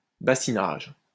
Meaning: 1. light watering (gardening) 2. softening of dough by sprinkling with water
- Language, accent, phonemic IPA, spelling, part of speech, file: French, France, /ba.si.naʒ/, bassinage, noun, LL-Q150 (fra)-bassinage.wav